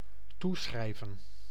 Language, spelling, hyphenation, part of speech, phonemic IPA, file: Dutch, toeschrijven, toe‧schrij‧ven, verb, /ˈtuˌsxrɛi̯.və(n)/, Nl-toeschrijven.ogg
- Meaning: to ascribe, attribute, chalk up